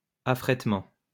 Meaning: affreightment
- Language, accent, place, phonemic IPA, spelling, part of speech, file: French, France, Lyon, /a.fʁɛt.mɑ̃/, affrètement, noun, LL-Q150 (fra)-affrètement.wav